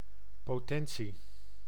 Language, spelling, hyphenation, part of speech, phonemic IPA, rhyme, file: Dutch, potentie, po‧ten‧tie, noun, /ˌpoːˈtɛn.si/, -ɛnsi, Nl-potentie.ogg
- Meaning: 1. potency, strength 2. potential, unrealised ability 3. capability of procreation 4. power, might, capability 5. power